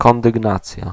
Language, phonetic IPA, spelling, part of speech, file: Polish, [ˌkɔ̃ndɨɡˈnat͡sʲja], kondygnacja, noun, Pl-kondygnacja.ogg